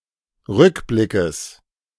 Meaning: genitive singular of Rückblick
- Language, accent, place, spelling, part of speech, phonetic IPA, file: German, Germany, Berlin, Rückblickes, noun, [ˈʁʏkˌblɪkəs], De-Rückblickes.ogg